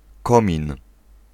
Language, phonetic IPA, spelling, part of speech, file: Polish, [ˈkɔ̃mʲĩn], komin, noun, Pl-komin.ogg